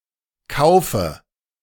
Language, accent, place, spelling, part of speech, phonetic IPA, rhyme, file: German, Germany, Berlin, kaufe, verb, [ˈkaʊ̯fə], -aʊ̯fə, De-kaufe.ogg
- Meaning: inflection of kaufen: 1. first-person singular present 2. singular imperative 3. first/third-person singular subjunctive I